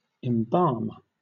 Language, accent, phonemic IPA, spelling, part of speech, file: English, Southern England, /ɪmˈbɑːm/, embalm, verb, LL-Q1860 (eng)-embalm.wav
- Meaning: 1. To treat a corpse with preservatives in order to prevent decomposition 2. To preserve 3. To perfume or add fragrance to something